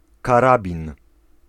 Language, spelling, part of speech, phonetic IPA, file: Polish, karabin, noun, [kaˈrabʲĩn], Pl-karabin.ogg